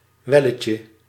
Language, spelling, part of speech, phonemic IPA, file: Dutch, welletje, noun, /ˈwɛləcə/, Nl-welletje.ogg
- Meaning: diminutive of wel